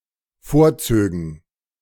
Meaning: first/third-person plural dependent subjunctive II of vorziehen
- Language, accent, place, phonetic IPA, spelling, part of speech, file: German, Germany, Berlin, [ˈfoːɐ̯ˌt͡søːɡn̩], vorzögen, verb, De-vorzögen.ogg